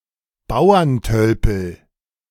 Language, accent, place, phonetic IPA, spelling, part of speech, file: German, Germany, Berlin, [ˈbaʊ̯ɐnˌtœlpl̩], Bauerntölpel, noun, De-Bauerntölpel.ogg
- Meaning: clodhopper